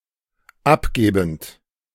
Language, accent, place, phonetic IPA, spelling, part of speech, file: German, Germany, Berlin, [ˈapˌɡeːbn̩t], abgebend, verb, De-abgebend.ogg
- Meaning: present participle of abgeben